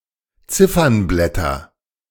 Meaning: nominative/accusative/genitive plural of Ziffernblatt
- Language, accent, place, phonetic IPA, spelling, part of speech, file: German, Germany, Berlin, [ˈt͡sɪfɐnˌblɛtɐ], Ziffernblätter, noun, De-Ziffernblätter.ogg